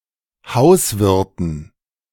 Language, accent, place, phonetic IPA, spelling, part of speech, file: German, Germany, Berlin, [ˈhaʊ̯sˌvɪʁtn̩], Hauswirten, noun, De-Hauswirten.ogg
- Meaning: dative plural of Hauswirt